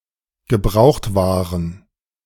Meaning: plural of Gebrauchtware
- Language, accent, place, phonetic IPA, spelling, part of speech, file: German, Germany, Berlin, [ɡəˈbʁaʊ̯xtˌvaːʁən], Gebrauchtwaren, noun, De-Gebrauchtwaren.ogg